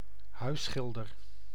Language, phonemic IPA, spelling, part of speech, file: Dutch, /ˈɦœy̯sxɪldər/, huisschilder, noun, Nl-huisschilder.ogg
- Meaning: painter (often laborer) who does (non-artistic) painting